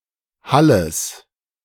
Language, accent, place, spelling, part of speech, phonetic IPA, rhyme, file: German, Germany, Berlin, Halles, noun, [ˈhaləs], -aləs, De-Halles.ogg
- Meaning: genitive of Hall